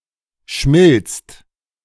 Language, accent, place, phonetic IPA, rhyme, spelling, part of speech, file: German, Germany, Berlin, [ʃmɪlt͡st], -ɪlt͡st, schmilzt, verb, De-schmilzt.ogg
- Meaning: second/third-person singular present of schmelzen